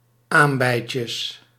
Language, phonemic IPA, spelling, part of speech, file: Dutch, /ˈambɛicəs/, aambeitjes, noun, Nl-aambeitjes.ogg
- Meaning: plural of aambeitje